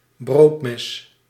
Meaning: bread knife (serrated knife wrought for slicing bread)
- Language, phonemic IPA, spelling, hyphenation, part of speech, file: Dutch, /ˈbroːt.mɛs/, broodmes, brood‧mes, noun, Nl-broodmes.ogg